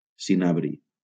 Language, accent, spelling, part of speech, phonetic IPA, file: Catalan, Valencia, cinabri, noun, [siˈna.bɾi], LL-Q7026 (cat)-cinabri.wav
- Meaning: cinnabar